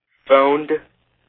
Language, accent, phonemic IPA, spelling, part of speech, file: English, US, /foʊnd/, phoned, verb, En-us-phoned.ogg
- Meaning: simple past and past participle of phone